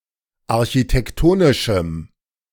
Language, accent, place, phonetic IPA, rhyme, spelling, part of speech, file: German, Germany, Berlin, [aʁçitɛkˈtoːnɪʃm̩], -oːnɪʃm̩, architektonischem, adjective, De-architektonischem.ogg
- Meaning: strong dative masculine/neuter singular of architektonisch